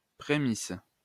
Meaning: premise
- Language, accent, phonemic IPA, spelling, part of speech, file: French, France, /pʁe.mis/, prémisse, noun, LL-Q150 (fra)-prémisse.wav